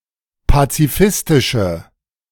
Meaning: inflection of pazifistisch: 1. strong/mixed nominative/accusative feminine singular 2. strong nominative/accusative plural 3. weak nominative all-gender singular
- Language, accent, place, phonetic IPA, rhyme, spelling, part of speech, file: German, Germany, Berlin, [pat͡siˈfɪstɪʃə], -ɪstɪʃə, pazifistische, adjective, De-pazifistische.ogg